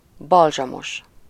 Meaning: balmy
- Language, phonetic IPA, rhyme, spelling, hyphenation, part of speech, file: Hungarian, [ˈbɒlʒɒmoʃ], -oʃ, balzsamos, bal‧zsa‧mos, adjective, Hu-balzsamos.ogg